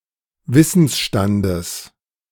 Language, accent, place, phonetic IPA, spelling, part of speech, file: German, Germany, Berlin, [ˈvɪsn̩sˌʃtandəs], Wissensstandes, noun, De-Wissensstandes.ogg
- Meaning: genitive singular of Wissensstand